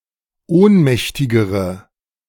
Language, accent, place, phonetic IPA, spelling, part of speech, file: German, Germany, Berlin, [ˈoːnˌmɛçtɪɡəʁə], ohnmächtigere, adjective, De-ohnmächtigere.ogg
- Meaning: inflection of ohnmächtig: 1. strong/mixed nominative/accusative feminine singular comparative degree 2. strong nominative/accusative plural comparative degree